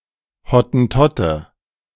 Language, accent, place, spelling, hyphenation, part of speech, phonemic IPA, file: German, Germany, Berlin, Hottentotte, Hot‧ten‧tot‧te, noun, /hɔtn̩ˈtɔtə/, De-Hottentotte.ogg
- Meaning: 1. Hottentot, a member of the Khoekhoe 2. Hottentot, a member of the Khoisan